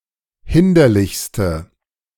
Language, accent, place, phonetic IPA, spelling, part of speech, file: German, Germany, Berlin, [ˈhɪndɐlɪçstə], hinderlichste, adjective, De-hinderlichste.ogg
- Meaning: inflection of hinderlich: 1. strong/mixed nominative/accusative feminine singular superlative degree 2. strong nominative/accusative plural superlative degree